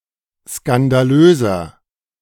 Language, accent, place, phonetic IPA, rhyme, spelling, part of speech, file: German, Germany, Berlin, [skandaˈløːzɐ], -øːzɐ, skandalöser, adjective, De-skandalöser.ogg
- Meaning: 1. comparative degree of skandalös 2. inflection of skandalös: strong/mixed nominative masculine singular 3. inflection of skandalös: strong genitive/dative feminine singular